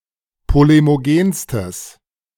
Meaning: strong/mixed nominative/accusative neuter singular superlative degree of polemogen
- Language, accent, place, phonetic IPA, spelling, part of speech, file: German, Germany, Berlin, [ˌpolemoˈɡeːnstəs], polemogenstes, adjective, De-polemogenstes.ogg